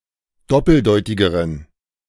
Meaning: inflection of doppeldeutig: 1. strong genitive masculine/neuter singular comparative degree 2. weak/mixed genitive/dative all-gender singular comparative degree
- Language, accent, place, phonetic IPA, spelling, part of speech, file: German, Germany, Berlin, [ˈdɔpl̩ˌdɔɪ̯tɪɡəʁən], doppeldeutigeren, adjective, De-doppeldeutigeren.ogg